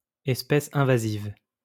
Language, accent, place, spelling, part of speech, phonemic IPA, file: French, France, Lyon, espèce invasive, noun, /ɛs.pɛs ɛ̃.va.ziv/, LL-Q150 (fra)-espèce invasive.wav
- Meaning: invasive species